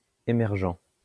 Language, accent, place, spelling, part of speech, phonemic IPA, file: French, France, Lyon, émergent, adjective, /e.mɛʁ.ʒɑ̃/, LL-Q150 (fra)-émergent.wav
- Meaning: emerging (in the process of emerging)